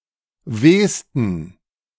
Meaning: 1. superlative degree of weh 2. inflection of weh: strong genitive masculine/neuter singular superlative degree 3. inflection of weh: weak/mixed genitive/dative all-gender singular superlative degree
- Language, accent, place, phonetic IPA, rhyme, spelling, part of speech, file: German, Germany, Berlin, [ˈveːstn̩], -eːstn̩, wehsten, adjective, De-wehsten.ogg